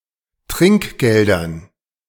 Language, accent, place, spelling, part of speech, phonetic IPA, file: German, Germany, Berlin, Trinkgeldern, noun, [ˈtʁɪŋkˌɡeldɐn], De-Trinkgeldern.ogg
- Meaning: dative plural of Trinkgeld